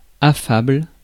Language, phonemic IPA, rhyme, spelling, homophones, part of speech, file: French, /a.fabl/, -abl, affable, affables, adjective, Fr-affable.ogg
- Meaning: affable, amicable, sociable